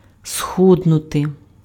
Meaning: to get thin, to grow thin, to slim down, to lose weight
- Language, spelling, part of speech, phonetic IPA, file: Ukrainian, схуднути, verb, [ˈsxudnʊte], Uk-схуднути.ogg